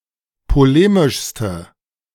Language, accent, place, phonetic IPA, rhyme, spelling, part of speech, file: German, Germany, Berlin, [poˈleːmɪʃstə], -eːmɪʃstə, polemischste, adjective, De-polemischste.ogg
- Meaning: inflection of polemisch: 1. strong/mixed nominative/accusative feminine singular superlative degree 2. strong nominative/accusative plural superlative degree